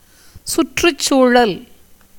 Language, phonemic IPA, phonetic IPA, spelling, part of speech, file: Tamil, /tʃʊrːʊtʃtʃuːɻɐl/, [sʊtrʊssuːɻɐl], சுற்றுச்சூழல், noun, Ta-சுற்றுச்சூழல்.ogg
- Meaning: environment, ecology